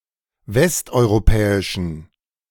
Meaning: inflection of westeuropäisch: 1. strong genitive masculine/neuter singular 2. weak/mixed genitive/dative all-gender singular 3. strong/weak/mixed accusative masculine singular 4. strong dative plural
- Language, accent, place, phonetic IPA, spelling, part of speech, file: German, Germany, Berlin, [ˈvɛstʔɔɪ̯ʁoˌpɛːɪʃn̩], westeuropäischen, adjective, De-westeuropäischen.ogg